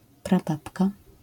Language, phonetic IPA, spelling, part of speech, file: Polish, [praˈbapka], prababka, noun, LL-Q809 (pol)-prababka.wav